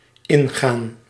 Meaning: 1. to enter, to go inside 2. to go along with, to go into (a discussion, argument, request etc.) 3. to contradict, to go against
- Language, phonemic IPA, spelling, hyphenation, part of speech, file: Dutch, /ˈɪnˌɣaːn/, ingaan, in‧gaan, verb, Nl-ingaan.ogg